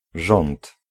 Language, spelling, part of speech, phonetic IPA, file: Polish, rząd, noun, [ʒɔ̃nt], Pl-rząd.ogg